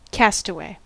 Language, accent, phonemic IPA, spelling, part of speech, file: English, US, /ˈkæs.tə.weɪ/, castaway, adjective / noun, En-us-castaway.ogg
- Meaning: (adjective) 1. Cast adrift or ashore; marooned 2. Shipwrecked 3. Cast out; rejected or excluded from a group; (noun) 1. A shipwrecked sailor 2. A discarded person or thing